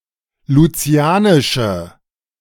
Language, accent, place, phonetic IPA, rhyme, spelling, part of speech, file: German, Germany, Berlin, [luˈt͡si̯aːnɪʃə], -aːnɪʃə, lucianische, adjective, De-lucianische.ogg
- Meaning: inflection of lucianisch: 1. strong/mixed nominative/accusative feminine singular 2. strong nominative/accusative plural 3. weak nominative all-gender singular